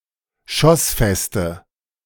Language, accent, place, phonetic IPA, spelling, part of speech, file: German, Germany, Berlin, [ˈʃɔsˌfɛstə], schossfeste, adjective, De-schossfeste.ogg
- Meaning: inflection of schossfest: 1. strong/mixed nominative/accusative feminine singular 2. strong nominative/accusative plural 3. weak nominative all-gender singular